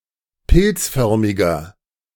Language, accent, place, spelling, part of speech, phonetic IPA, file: German, Germany, Berlin, pilzförmiger, adjective, [ˈpɪlt͡sˌfœʁmɪɡɐ], De-pilzförmiger.ogg
- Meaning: inflection of pilzförmig: 1. strong/mixed nominative masculine singular 2. strong genitive/dative feminine singular 3. strong genitive plural